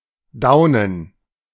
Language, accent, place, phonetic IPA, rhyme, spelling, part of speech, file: German, Germany, Berlin, [ˈdaʊ̯nən], -aʊ̯nən, Daunen, noun, De-Daunen.ogg
- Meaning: plural of Daune